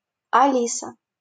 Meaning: a female given name, equivalent to English Alice
- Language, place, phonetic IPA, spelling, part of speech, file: Russian, Saint Petersburg, [ɐˈlʲisə], Алиса, proper noun, LL-Q7737 (rus)-Алиса.wav